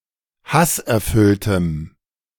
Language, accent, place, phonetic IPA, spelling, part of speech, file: German, Germany, Berlin, [ˈhasʔɛɐ̯ˌfʏltəm], hasserfülltem, adjective, De-hasserfülltem.ogg
- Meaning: strong dative masculine/neuter singular of hasserfüllt